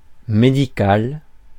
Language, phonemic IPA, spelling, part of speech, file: French, /me.di.kal/, médical, adjective, Fr-médical.ogg
- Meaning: medical